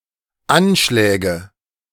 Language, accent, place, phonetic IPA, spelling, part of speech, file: German, Germany, Berlin, [ˈanˌʃlɛːɡə], Anschläge, noun, De-Anschläge.ogg
- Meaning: nominative/accusative/genitive plural of Anschlag